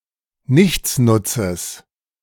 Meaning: genitive of Nichtsnutz
- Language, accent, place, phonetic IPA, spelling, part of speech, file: German, Germany, Berlin, [ˈnɪçt͡snʊt͡səs], Nichtsnutzes, noun, De-Nichtsnutzes.ogg